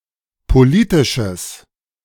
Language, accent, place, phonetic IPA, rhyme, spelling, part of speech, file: German, Germany, Berlin, [poˈliːtɪʃəs], -iːtɪʃəs, politisches, adjective, De-politisches.ogg
- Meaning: strong/mixed nominative/accusative neuter singular of politisch